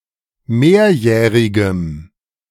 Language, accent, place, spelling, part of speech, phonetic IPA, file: German, Germany, Berlin, mehrjährigem, adjective, [ˈmeːɐ̯ˌjɛːʁɪɡəm], De-mehrjährigem.ogg
- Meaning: strong dative masculine/neuter singular of mehrjährig